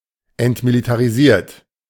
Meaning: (verb) past participle of entmilitarisieren; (adjective) demilitarized
- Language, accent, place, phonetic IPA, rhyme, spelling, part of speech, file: German, Germany, Berlin, [ɛntmilitaʁiˈziːɐ̯t], -iːɐ̯t, entmilitarisiert, adjective / verb, De-entmilitarisiert.ogg